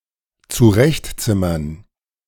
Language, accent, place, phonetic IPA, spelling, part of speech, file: German, Germany, Berlin, [t͡suˈʁɛçtˌt͡sɪmɐn], zurechtzimmern, verb, De-zurechtzimmern.ogg
- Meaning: to jury-rig, to MacGyver